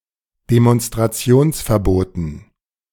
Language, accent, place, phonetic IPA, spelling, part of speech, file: German, Germany, Berlin, [demɔnstʁaˈt͡si̯oːnsfɛɐ̯ˌboːtn̩], Demonstrationsverboten, noun, De-Demonstrationsverboten.ogg
- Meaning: dative plural of Demonstrationsverbot